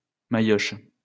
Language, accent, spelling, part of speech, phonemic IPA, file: French, France, mailloche, noun, /ma.jɔʃ/, LL-Q150 (fra)-mailloche.wav
- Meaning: 1. beetle (wooden mallet) 2. rake (of moulder) 3. a mallet drumstick 4. beater (for a xylophone)